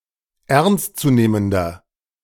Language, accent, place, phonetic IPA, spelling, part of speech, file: German, Germany, Berlin, [ˈɛʁnstt͡suˌneːməndɐ], ernstzunehmender, adjective, De-ernstzunehmender.ogg
- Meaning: inflection of ernstzunehmend: 1. strong/mixed nominative masculine singular 2. strong genitive/dative feminine singular 3. strong genitive plural